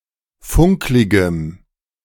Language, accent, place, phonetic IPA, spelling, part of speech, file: German, Germany, Berlin, [ˈfʊŋklɪɡəm], funkligem, adjective, De-funkligem.ogg
- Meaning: strong dative masculine/neuter singular of funklig